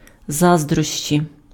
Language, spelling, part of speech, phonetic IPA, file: Ukrainian, заздрощі, noun, [ˈzazdrɔʃt͡ʃʲi], Uk-заздрощі.ogg
- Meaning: envy